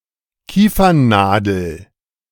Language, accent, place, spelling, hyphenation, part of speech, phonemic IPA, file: German, Germany, Berlin, Kiefernnadel, Kie‧fern‧na‧del, noun, /ˈkiːfɐnnaːdl̩/, De-Kiefernnadel.ogg
- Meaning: pine needle